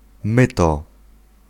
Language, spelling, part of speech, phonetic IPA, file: Polish, myto, noun / verb, [ˈmɨtɔ], Pl-myto.ogg